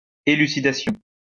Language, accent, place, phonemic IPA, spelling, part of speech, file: French, France, Lyon, /e.ly.si.da.sjɔ̃/, élucidation, noun, LL-Q150 (fra)-élucidation.wav
- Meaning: elucidation